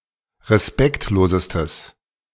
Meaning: strong/mixed nominative/accusative neuter singular superlative degree of respektlos
- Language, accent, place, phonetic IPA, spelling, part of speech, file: German, Germany, Berlin, [ʁeˈspɛktloːzəstəs], respektlosestes, adjective, De-respektlosestes.ogg